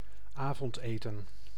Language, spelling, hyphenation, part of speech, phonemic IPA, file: Dutch, avondeten, avond‧eten, noun, /ˈaːvɔntˌeːtə(n)/, Nl-avondeten.ogg
- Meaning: supper, dinner, evening meal